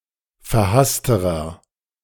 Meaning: inflection of verhasst: 1. strong/mixed nominative masculine singular comparative degree 2. strong genitive/dative feminine singular comparative degree 3. strong genitive plural comparative degree
- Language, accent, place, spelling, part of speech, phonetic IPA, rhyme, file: German, Germany, Berlin, verhassterer, adjective, [fɛɐ̯ˈhastəʁɐ], -astəʁɐ, De-verhassterer.ogg